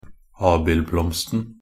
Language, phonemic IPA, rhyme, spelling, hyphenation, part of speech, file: Norwegian Bokmål, /ˈɑːbɪlblɔmstn̩/, -ɔmstn̩, abildblomsten, ab‧ild‧blomst‧en, noun, Nb-abildblomsten.ogg
- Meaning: definite singular of abildblomst